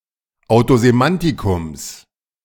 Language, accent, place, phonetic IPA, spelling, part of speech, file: German, Germany, Berlin, [aʊ̯tozeˈmantɪkʊms], Autosemantikums, noun, De-Autosemantikums.ogg
- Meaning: genitive singular of Autosemantikum